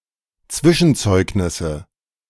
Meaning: nominative/accusative/genitive plural of Zwischenzeugnis
- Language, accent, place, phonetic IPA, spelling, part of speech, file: German, Germany, Berlin, [ˈt͡svɪʃn̩ˌt͡sɔɪ̯knɪsə], Zwischenzeugnisse, noun, De-Zwischenzeugnisse.ogg